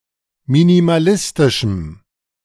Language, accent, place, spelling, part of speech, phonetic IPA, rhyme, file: German, Germany, Berlin, minimalistischem, adjective, [minimaˈlɪstɪʃm̩], -ɪstɪʃm̩, De-minimalistischem.ogg
- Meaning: strong dative masculine/neuter singular of minimalistisch